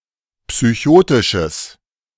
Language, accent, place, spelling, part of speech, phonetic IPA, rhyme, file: German, Germany, Berlin, psychotisches, adjective, [psyˈçoːtɪʃəs], -oːtɪʃəs, De-psychotisches.ogg
- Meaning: strong/mixed nominative/accusative neuter singular of psychotisch